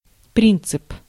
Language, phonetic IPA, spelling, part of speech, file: Russian, [ˈprʲint͡sɨp], принцип, noun, Ru-принцип.ogg
- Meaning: principle (fundamental assumption)